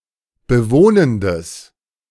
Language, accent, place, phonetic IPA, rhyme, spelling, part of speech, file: German, Germany, Berlin, [bəˈvoːnəndəs], -oːnəndəs, bewohnendes, adjective, De-bewohnendes.ogg
- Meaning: strong/mixed nominative/accusative neuter singular of bewohnend